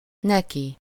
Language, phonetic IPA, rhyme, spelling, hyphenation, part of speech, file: Hungarian, [ˈnɛki], -ki, neki, ne‧ki, pronoun, Hu-neki.ogg
- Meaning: to/for him/her